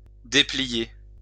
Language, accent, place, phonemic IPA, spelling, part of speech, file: French, France, Lyon, /de.pli.je/, déplier, verb, LL-Q150 (fra)-déplier.wav
- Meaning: to unfold (undo the action of folding)